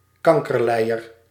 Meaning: motherfucker
- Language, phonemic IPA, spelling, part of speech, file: Dutch, /ˈkɑŋkərˌlɛijər/, kankerlijer, noun, Nl-kankerlijer.ogg